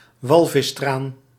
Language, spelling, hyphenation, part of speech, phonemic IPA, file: Dutch, walvistraan, wal‧vis‧traan, noun, /ˈʋɑl.vɪsˌtraːn/, Nl-walvistraan.ogg
- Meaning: whale oil